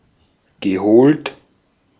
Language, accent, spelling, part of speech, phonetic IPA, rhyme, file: German, Austria, geholt, verb, [ɡəˈhoːlt], -oːlt, De-at-geholt.ogg
- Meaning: past participle of holen